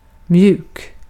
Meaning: soft
- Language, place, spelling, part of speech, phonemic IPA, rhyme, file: Swedish, Gotland, mjuk, adjective, /mjʉːk/, -ʉːk, Sv-mjuk.ogg